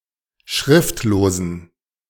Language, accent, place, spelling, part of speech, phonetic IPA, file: German, Germany, Berlin, schriftlosen, adjective, [ˈʃʁɪftloːzn̩], De-schriftlosen.ogg
- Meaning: inflection of schriftlos: 1. strong genitive masculine/neuter singular 2. weak/mixed genitive/dative all-gender singular 3. strong/weak/mixed accusative masculine singular 4. strong dative plural